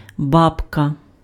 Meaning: 1. grandmother 2. old woman 3. dragonfly 4. small anvil, mandrel 5. a special, delicate ritual bread that is blessed by the priest at Easter
- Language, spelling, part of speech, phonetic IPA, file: Ukrainian, бабка, noun, [ˈbabkɐ], Uk-бабка.ogg